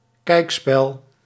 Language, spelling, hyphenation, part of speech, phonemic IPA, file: Dutch, kijkspel, kijk‧spel, noun, /ˈkɛi̯k.spɛl/, Nl-kijkspel.ogg
- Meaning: a fairground attraction where people could watch exhibited object, often panoramas, viewing devices or curiosities